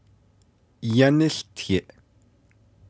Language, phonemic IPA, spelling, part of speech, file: Navajo, /jɑ́nɪ́ɬtʰɪ̀ʔ/, yáníłtiʼ, verb, Nv-yáníłtiʼ.ogg
- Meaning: second-person singular imperfective of yáłtiʼ